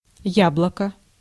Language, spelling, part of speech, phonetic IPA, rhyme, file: Russian, яблоко, noun, [ˈjabɫəkə], -abɫəkə, Ru-яблоко.ogg
- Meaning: 1. apple 2. eyeball (usually глазно́е я́блоко)